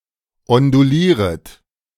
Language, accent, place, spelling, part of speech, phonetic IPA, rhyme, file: German, Germany, Berlin, ondulieret, verb, [ɔnduˈliːʁət], -iːʁət, De-ondulieret.ogg
- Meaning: second-person plural subjunctive I of ondulieren